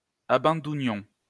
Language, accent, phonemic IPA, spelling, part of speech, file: French, France, /a.bɑ̃.du.njɔ̃/, abandounions, verb, LL-Q150 (fra)-abandounions.wav
- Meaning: inflection of abandouner: 1. first-person plural imperfect indicative 2. first-person plural present subjunctive